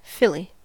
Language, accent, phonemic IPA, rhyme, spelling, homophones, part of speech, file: English, US, /ˈfɪli/, -ɪli, filly, Philly, noun, En-us-filly.ogg
- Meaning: 1. A young female horse 2. A young, attractive woman